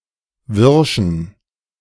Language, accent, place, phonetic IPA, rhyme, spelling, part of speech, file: German, Germany, Berlin, [ˈvɪʁʃn̩], -ɪʁʃn̩, wirschen, adjective, De-wirschen.ogg
- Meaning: inflection of wirsch: 1. strong genitive masculine/neuter singular 2. weak/mixed genitive/dative all-gender singular 3. strong/weak/mixed accusative masculine singular 4. strong dative plural